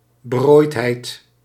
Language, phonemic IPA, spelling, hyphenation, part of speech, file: Dutch, /bəˈroːi̯tˌɦɛi̯t/, berooidheid, be‧rooid‧heid, noun, Nl-berooidheid.ogg
- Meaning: destitution, poverty